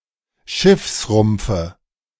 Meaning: nominative/accusative/genitive plural of Schiffsrumpf
- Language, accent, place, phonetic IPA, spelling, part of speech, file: German, Germany, Berlin, [ˈʃɪfsˌʁʊmp͡fə], Schiffsrumpfe, noun, De-Schiffsrumpfe.ogg